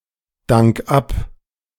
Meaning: 1. singular imperative of abdanken 2. first-person singular present of abdanken
- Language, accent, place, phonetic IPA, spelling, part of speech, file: German, Germany, Berlin, [ˌdaŋk ˈap], dank ab, verb, De-dank ab.ogg